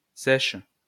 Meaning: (adjective) feminine singular of sec; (noun) 1. mud flat 2. cigarette; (verb) inflection of sécher: 1. first/third-person singular present indicative/subjunctive 2. second-person singular imperative
- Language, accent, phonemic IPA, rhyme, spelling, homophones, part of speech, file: French, France, /sɛʃ/, -ɛʃ, sèche, sèchent / sèches / seiche / Seix, adjective / noun / verb, LL-Q150 (fra)-sèche.wav